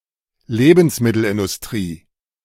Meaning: food industry
- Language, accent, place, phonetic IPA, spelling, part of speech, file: German, Germany, Berlin, [ˈleːbn̩smɪtl̩ʔɪndʊsˌtʁiː], Lebensmittelindustrie, noun, De-Lebensmittelindustrie.ogg